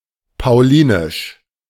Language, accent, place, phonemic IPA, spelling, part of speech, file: German, Germany, Berlin, /paʊ̯ˈliːnɪʃ/, paulinisch, adjective, De-paulinisch.ogg
- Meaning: Pauline